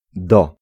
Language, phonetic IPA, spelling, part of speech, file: Polish, [dɔ], do, preposition / noun, Pl-do.ogg